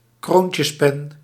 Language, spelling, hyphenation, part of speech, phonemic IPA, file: Dutch, kroontjespen, kroon‧tjes‧pen, noun, /ˈkroːn.tjəsˌpɛn/, Nl-kroontjespen.ogg
- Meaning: dip pen, nib pen